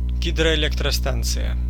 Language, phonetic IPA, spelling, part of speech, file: Russian, [ˌɡʲidrəɪˌlʲektrɐˈstant͡sɨjə], гидроэлектростанция, noun, Ru-гидроэлектростанция.ogg
- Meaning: water power plant